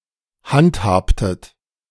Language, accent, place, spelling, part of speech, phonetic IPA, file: German, Germany, Berlin, handhabtet, verb, [ˈhantˌhaːptət], De-handhabtet.ogg
- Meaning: inflection of handhaben: 1. second-person plural preterite 2. second-person plural subjunctive II